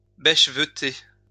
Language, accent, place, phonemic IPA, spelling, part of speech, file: French, France, Lyon, /bɛʃ.və.te/, bêcheveter, verb, LL-Q150 (fra)-bêcheveter.wav
- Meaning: 1. to upend (turn upside-down) 2. to place head-to-toe, head-to-tail